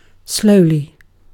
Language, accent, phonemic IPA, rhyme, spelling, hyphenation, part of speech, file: English, UK, /ˈsləʊli/, -əʊli, slowly, slow‧ly, adverb, En-uk-slowly.ogg
- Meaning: At a slow pace